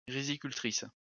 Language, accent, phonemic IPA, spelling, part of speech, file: French, France, /ʁi.zi.kyl.tʁis/, rizicultrice, noun, LL-Q150 (fra)-rizicultrice.wav
- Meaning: female equivalent of riziculteur